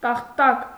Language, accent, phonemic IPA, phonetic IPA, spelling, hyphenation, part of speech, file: Armenian, Eastern Armenian, /tɑχˈtɑk/, [tɑχtɑ́k], տախտակ, տախ‧տակ, noun, Hy-տախտակ.ogg
- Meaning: 1. board, plank 2. table (a matrix or grid of data arranged in rows and columns) 3. stupid person